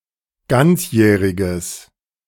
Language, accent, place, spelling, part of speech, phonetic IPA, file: German, Germany, Berlin, ganzjähriges, adjective, [ˈɡant͡sˌjɛːʁɪɡəs], De-ganzjähriges.ogg
- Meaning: strong/mixed nominative/accusative neuter singular of ganzjährig